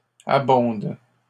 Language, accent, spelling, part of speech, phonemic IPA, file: French, Canada, abonde, verb, /a.bɔ̃d/, LL-Q150 (fra)-abonde.wav
- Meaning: inflection of abonder: 1. first/third-person singular present indicative/subjunctive 2. second-person singular imperative